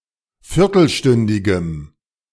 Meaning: strong dative masculine/neuter singular of viertelstündig
- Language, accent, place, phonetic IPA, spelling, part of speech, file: German, Germany, Berlin, [ˈfɪʁtl̩ˌʃtʏndɪɡəm], viertelstündigem, adjective, De-viertelstündigem.ogg